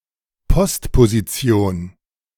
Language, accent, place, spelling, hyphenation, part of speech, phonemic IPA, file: German, Germany, Berlin, Postposition, Post‧po‧si‧ti‧on, noun, /pɔstpoziˈt͡si̯oːn/, De-Postposition.ogg
- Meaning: postposition